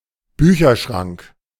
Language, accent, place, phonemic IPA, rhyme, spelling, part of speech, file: German, Germany, Berlin, /ˈbyːçɐˌʃʁaŋk/, -aŋk, Bücherschrank, noun, De-Bücherschrank.ogg
- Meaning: bookcase